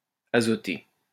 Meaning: nitrogen; nitrogenous
- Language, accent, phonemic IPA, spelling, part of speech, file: French, France, /a.zɔ.te/, azoté, adjective, LL-Q150 (fra)-azoté.wav